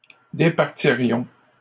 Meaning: first-person plural conditional of départir
- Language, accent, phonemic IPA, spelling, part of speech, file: French, Canada, /de.paʁ.ti.ʁjɔ̃/, départirions, verb, LL-Q150 (fra)-départirions.wav